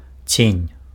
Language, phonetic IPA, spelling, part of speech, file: Belarusian, [t͡sʲenʲ], цень, noun, Be-цень.ogg
- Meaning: 1. shade 2. shadow